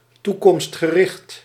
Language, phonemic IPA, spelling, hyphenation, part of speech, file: Dutch, /ˌtu.kɔmst.xəˈrɪxt/, toekomstgericht, toe‧komst‧ge‧richt, adjective, Nl-toekomstgericht.ogg
- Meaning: future-oriented